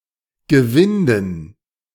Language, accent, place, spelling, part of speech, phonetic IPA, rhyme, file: German, Germany, Berlin, Gewinden, noun, [ɡəˈvɪndn̩], -ɪndn̩, De-Gewinden.ogg
- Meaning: dative plural of Gewinde